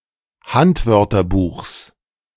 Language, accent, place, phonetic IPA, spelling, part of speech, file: German, Germany, Berlin, [ˈhantvœʁtɐˌbuːxs], Handwörterbuchs, noun, De-Handwörterbuchs.ogg
- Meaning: genitive singular of Handwörterbuch